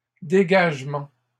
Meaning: plural of dégagement
- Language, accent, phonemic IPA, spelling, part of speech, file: French, Canada, /de.ɡaʒ.mɑ̃/, dégagements, noun, LL-Q150 (fra)-dégagements.wav